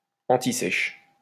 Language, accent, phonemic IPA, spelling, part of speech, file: French, France, /ɑ̃.ti.sɛʃ/, antisèche, noun, LL-Q150 (fra)-antisèche.wav
- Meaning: cheat sheet (a sheet of paper used to assist on a test)